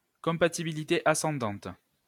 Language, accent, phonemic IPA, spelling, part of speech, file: French, France, /kɔ̃.pa.ti.bi.li.te a.sɑ̃.dɑ̃t/, compatibilité ascendante, noun, LL-Q150 (fra)-compatibilité ascendante.wav
- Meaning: forward compatibility (compatibility with newer data)